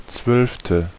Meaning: twelfth
- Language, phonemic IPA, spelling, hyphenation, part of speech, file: German, /tsvœlftə/, zwölfte, zwölf‧te, adjective, De-zwölfte.ogg